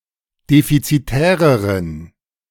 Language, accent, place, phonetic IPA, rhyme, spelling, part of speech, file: German, Germany, Berlin, [ˌdefit͡siˈtɛːʁəʁən], -ɛːʁəʁən, defizitäreren, adjective, De-defizitäreren.ogg
- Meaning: inflection of defizitär: 1. strong genitive masculine/neuter singular comparative degree 2. weak/mixed genitive/dative all-gender singular comparative degree